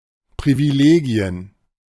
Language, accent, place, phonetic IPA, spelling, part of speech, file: German, Germany, Berlin, [ˌpʁiviˈleːɡi̯ən], Privilegien, noun, De-Privilegien.ogg
- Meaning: plural of Privileg